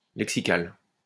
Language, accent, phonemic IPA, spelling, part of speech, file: French, France, /lɛk.si.kal/, lexical, adjective, LL-Q150 (fra)-lexical.wav
- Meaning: lexical